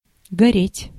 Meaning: 1. to burn (to be consumed by fire) 2. to be lit, to be on (of lights) 3. to burn (with emotion) 4. to burn, to sting (of a wound) 5. to redden, to flush (of the cheeks, etc.)
- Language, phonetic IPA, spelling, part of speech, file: Russian, [ɡɐˈrʲetʲ], гореть, verb, Ru-гореть.ogg